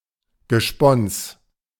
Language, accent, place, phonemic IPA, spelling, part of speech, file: German, Germany, Berlin, /ɡəˈʃpɔns/, Gespons, noun, De-Gespons.ogg
- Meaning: 1. wife 2. husband